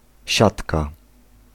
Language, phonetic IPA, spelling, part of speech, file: Polish, [ˈɕatka], siatka, noun, Pl-siatka.ogg